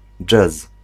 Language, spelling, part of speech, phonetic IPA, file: Polish, dżez, noun, [d͡ʒɛs], Pl-dżez.ogg